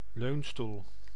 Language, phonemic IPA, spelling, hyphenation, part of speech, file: Dutch, /ˈløːn.stul/, leunstoel, leun‧stoel, noun, Nl-leunstoel.ogg
- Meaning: armchair